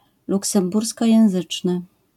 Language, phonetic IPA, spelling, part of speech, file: Polish, [ˌluksɛ̃mˈburskɔjɛ̃w̃ˈzɨt͡ʃnɨ], luksemburskojęzyczny, adjective, LL-Q809 (pol)-luksemburskojęzyczny.wav